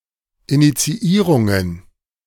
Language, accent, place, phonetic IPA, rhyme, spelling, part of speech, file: German, Germany, Berlin, [ˌinit͡siˈiːʁʊŋən], -iːʁʊŋən, Initiierungen, noun, De-Initiierungen.ogg
- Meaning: plural of Initiierung